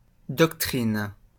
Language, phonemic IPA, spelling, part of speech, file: French, /dɔk.tʁin/, doctrine, noun, LL-Q150 (fra)-doctrine.wav
- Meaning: doctrine